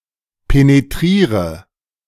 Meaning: inflection of penetrieren: 1. first-person singular present 2. first/third-person singular subjunctive I 3. singular imperative
- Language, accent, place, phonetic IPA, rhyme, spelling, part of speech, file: German, Germany, Berlin, [peneˈtʁiːʁə], -iːʁə, penetriere, verb, De-penetriere.ogg